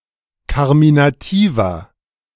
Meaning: inflection of karminativ: 1. strong/mixed nominative masculine singular 2. strong genitive/dative feminine singular 3. strong genitive plural
- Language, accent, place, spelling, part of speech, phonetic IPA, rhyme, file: German, Germany, Berlin, karminativer, adjective, [ˌkaʁminaˈtiːvɐ], -iːvɐ, De-karminativer.ogg